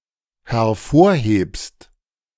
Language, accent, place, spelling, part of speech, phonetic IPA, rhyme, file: German, Germany, Berlin, hervorhebst, verb, [hɛɐ̯ˈfoːɐ̯ˌheːpst], -oːɐ̯heːpst, De-hervorhebst.ogg
- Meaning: second-person singular dependent present of hervorheben